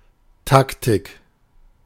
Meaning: 1. tactics, strategy (art of anticipation and planning) 2. tactic, strategy, policy (plan, approach)
- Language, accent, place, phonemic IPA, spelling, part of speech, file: German, Germany, Berlin, /ˈtaktɪk/, Taktik, noun, De-Taktik.ogg